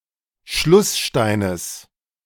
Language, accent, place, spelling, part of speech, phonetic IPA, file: German, Germany, Berlin, Schlusssteines, noun, [ˈʃlʊsˌʃtaɪ̯nəs], De-Schlusssteines.ogg
- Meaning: genitive singular of Schlussstein